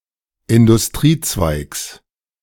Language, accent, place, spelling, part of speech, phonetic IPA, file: German, Germany, Berlin, Industriezweigs, noun, [ɪndʊsˈtʁiːˌt͡svaɪ̯ks], De-Industriezweigs.ogg
- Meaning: genitive singular of Industriezweig